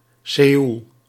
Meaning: Seoul (the capital city of South Korea)
- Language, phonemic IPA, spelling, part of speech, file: Dutch, /seːul/, Seoel, proper noun, Nl-Seoel.ogg